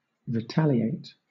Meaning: 1. To do something harmful or negative to get revenge for some harm; to fight back or respond in kind to an injury or affront 2. To repay or requite by an act of the same kind
- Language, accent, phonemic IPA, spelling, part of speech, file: English, Southern England, /ɹɪˈtæl.i.eɪt/, retaliate, verb, LL-Q1860 (eng)-retaliate.wav